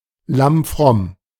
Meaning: as meek as a lamb; lamblike; like little lambs
- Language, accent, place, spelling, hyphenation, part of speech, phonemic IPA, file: German, Germany, Berlin, lammfromm, lamm‧fromm, adjective, /ˈlamˈfʁɔm/, De-lammfromm.ogg